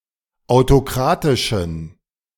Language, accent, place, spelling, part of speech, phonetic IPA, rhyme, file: German, Germany, Berlin, autokratischen, adjective, [aʊ̯toˈkʁaːtɪʃn̩], -aːtɪʃn̩, De-autokratischen.ogg
- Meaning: inflection of autokratisch: 1. strong genitive masculine/neuter singular 2. weak/mixed genitive/dative all-gender singular 3. strong/weak/mixed accusative masculine singular 4. strong dative plural